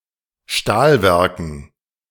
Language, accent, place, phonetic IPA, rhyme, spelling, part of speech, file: German, Germany, Berlin, [ˈʃtaːlˌvɛʁkn̩], -aːlvɛʁkn̩, Stahlwerken, noun, De-Stahlwerken.ogg
- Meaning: dative plural of Stahlwerk